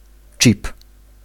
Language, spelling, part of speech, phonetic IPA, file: Polish, czip, noun, [t͡ʃʲip], Pl-czip.ogg